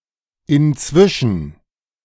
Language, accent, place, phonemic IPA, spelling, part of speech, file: German, Germany, Berlin, /ɪnˈt͡svɪʃn̩/, inzwischen, adverb, De-inzwischen.ogg
- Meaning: 1. since then, by now, in the meantime (contrasting between the current state and a known past state) 2. in the meantime (at the same time as another process, typically in another location)